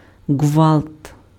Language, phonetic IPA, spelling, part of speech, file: Ukrainian, [ɡʋaɫt], ґвалт, noun / interjection, Uk-ґвалт.ogg
- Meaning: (noun) 1. din, row, rumpus 2. violence; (interjection) Said to show that one is in distress and requires help